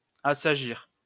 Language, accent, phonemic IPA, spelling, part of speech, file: French, France, /a.sa.ʒiʁ/, assagir, verb, LL-Q150 (fra)-assagir.wav
- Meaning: to settle down, quieten down